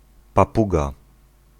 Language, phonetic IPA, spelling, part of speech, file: Polish, [paˈpuɡa], papuga, noun, Pl-papuga.ogg